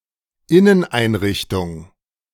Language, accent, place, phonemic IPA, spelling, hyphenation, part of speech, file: German, Germany, Berlin, /ˈɪnənˌʔaɪ̯nʁɪçtʊŋ/, Inneneinrichtung, In‧nen‧ein‧rich‧tung, noun, De-Inneneinrichtung.ogg
- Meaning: interior design, interior decoration, interior furnishing